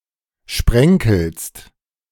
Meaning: second-person singular present of sprenkeln
- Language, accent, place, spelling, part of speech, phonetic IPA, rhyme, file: German, Germany, Berlin, sprenkelst, verb, [ˈʃpʁɛŋkl̩st], -ɛŋkl̩st, De-sprenkelst.ogg